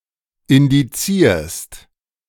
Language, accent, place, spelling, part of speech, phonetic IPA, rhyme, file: German, Germany, Berlin, indizierst, verb, [ɪndiˈt͡siːɐ̯st], -iːɐ̯st, De-indizierst.ogg
- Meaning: second-person singular present of indizieren